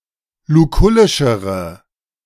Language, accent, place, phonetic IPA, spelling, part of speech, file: German, Germany, Berlin, [luˈkʊlɪʃəʁə], lukullischere, adjective, De-lukullischere.ogg
- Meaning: inflection of lukullisch: 1. strong/mixed nominative/accusative feminine singular comparative degree 2. strong nominative/accusative plural comparative degree